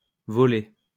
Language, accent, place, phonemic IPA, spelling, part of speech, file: French, France, Lyon, /vɔ.le/, volé, verb, LL-Q150 (fra)-volé.wav
- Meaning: past participle of voler